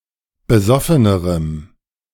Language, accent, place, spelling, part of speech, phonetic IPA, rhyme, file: German, Germany, Berlin, besoffenerem, adjective, [bəˈzɔfənəʁəm], -ɔfənəʁəm, De-besoffenerem.ogg
- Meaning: strong dative masculine/neuter singular comparative degree of besoffen